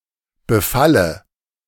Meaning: inflection of befallen: 1. first-person singular present 2. first/third-person singular subjunctive I 3. singular imperative
- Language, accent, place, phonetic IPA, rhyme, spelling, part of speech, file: German, Germany, Berlin, [bəˈfalə], -alə, befalle, verb, De-befalle.ogg